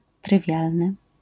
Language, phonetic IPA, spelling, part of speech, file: Polish, [trɨˈvʲjalnɨ], trywialny, adjective, LL-Q809 (pol)-trywialny.wav